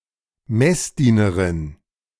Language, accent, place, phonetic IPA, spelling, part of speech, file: German, Germany, Berlin, [ˈmɛsˌdiːnəʁɪn], Messdienerin, noun, De-Messdienerin.ogg
- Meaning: altar girl